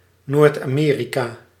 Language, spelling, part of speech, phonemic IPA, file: Dutch, Noord-Amerika, proper noun, /noːrt ɑ.ˈmeː.ri.kaː/, Nl-Noord-Amerika.ogg
- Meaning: North America (the continent forming the northern part of the Americas)